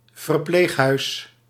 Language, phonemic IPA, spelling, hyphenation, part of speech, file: Dutch, /vərˈpleːxˌɦœy̯s/, verpleeghuis, ver‧pleeg‧huis, noun, Nl-verpleeghuis.ogg
- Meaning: rest home, nursing home (place of residence that provides on-site specialist medical care to people who require high-dependency, long-term care)